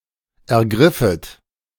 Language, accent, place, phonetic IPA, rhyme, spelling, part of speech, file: German, Germany, Berlin, [ɛɐ̯ˈɡʁɪfət], -ɪfət, ergriffet, verb, De-ergriffet.ogg
- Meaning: second-person plural subjunctive I of ergreifen